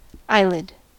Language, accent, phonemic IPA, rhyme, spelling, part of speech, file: English, US, /ˈaɪ.lɪd/, -aɪlɪd, eyelid, noun, En-us-eyelid.ogg
- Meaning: A thin skin membrane that covers and moves over an eye